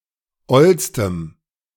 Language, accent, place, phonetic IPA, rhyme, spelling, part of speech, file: German, Germany, Berlin, [ˈɔlstəm], -ɔlstəm, ollstem, adjective, De-ollstem.ogg
- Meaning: strong dative masculine/neuter singular superlative degree of oll